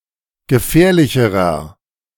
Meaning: inflection of gefährlich: 1. strong/mixed nominative masculine singular comparative degree 2. strong genitive/dative feminine singular comparative degree 3. strong genitive plural comparative degree
- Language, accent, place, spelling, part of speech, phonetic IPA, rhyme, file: German, Germany, Berlin, gefährlicherer, adjective, [ɡəˈfɛːɐ̯lɪçəʁɐ], -ɛːɐ̯lɪçəʁɐ, De-gefährlicherer.ogg